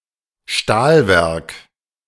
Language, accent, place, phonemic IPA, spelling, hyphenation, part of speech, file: German, Germany, Berlin, /ˈʃtaːlˌvɛʁk/, Stahlwerk, Stahl‧werk, noun, De-Stahlwerk.ogg
- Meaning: steelworks